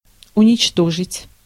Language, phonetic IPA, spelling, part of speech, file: Russian, [ʊnʲɪt͡ɕˈtoʐɨtʲ], уничтожить, verb, Ru-уничтожить.ogg
- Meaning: 1. to destroy, to annihilate, to obliterate, to wipe out, to blot out, to crush 2. to abolish, to do away with 3. to crush (morally)